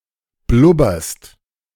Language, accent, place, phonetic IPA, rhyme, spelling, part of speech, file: German, Germany, Berlin, [ˈblʊbɐst], -ʊbɐst, blubberst, verb, De-blubberst.ogg
- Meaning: second-person singular present of blubbern